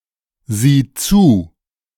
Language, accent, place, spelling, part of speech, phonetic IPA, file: German, Germany, Berlin, sieh zu, verb, [ˌziː ˈt͡suː], De-sieh zu.ogg
- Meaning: singular imperative of zusehen